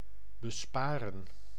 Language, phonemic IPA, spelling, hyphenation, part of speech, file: Dutch, /bəˈspaːrə(n)/, besparen, be‧spa‧ren, verb, Nl-besparen.ogg
- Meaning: 1. to spare, save from 2. to save (money), economize